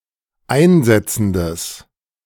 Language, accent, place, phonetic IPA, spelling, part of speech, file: German, Germany, Berlin, [ˈaɪ̯nˌzɛt͡sn̩dəs], einsetzendes, adjective, De-einsetzendes.ogg
- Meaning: strong/mixed nominative/accusative neuter singular of einsetzend